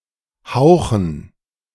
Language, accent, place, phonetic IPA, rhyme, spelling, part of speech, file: German, Germany, Berlin, [ˈhaʊ̯xn̩], -aʊ̯xn̩, Hauchen, noun, De-Hauchen.ogg
- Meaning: dative plural of Hauch